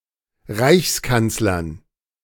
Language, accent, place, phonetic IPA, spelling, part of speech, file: German, Germany, Berlin, [ˈʁaɪ̯çsˌkant͡slɐn], Reichskanzlern, noun, De-Reichskanzlern.ogg
- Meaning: dative plural of Reichskanzler